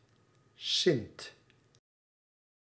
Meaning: saint
- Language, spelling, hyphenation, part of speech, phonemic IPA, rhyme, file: Dutch, sint, sint, noun, /sɪnt/, -ɪnt, Nl-sint.ogg